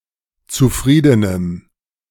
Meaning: strong dative masculine/neuter singular of zufrieden
- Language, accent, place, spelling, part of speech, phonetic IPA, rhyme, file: German, Germany, Berlin, zufriedenem, adjective, [t͡suˈfʁiːdənəm], -iːdənəm, De-zufriedenem.ogg